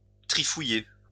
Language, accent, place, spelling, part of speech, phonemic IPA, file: French, France, Lyon, trifouiller, verb, /tʁi.fu.je/, LL-Q150 (fra)-trifouiller.wav
- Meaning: 1. to tamper (with), tinker 2. to rummage, rummage around (+dans = in) 3. to dabble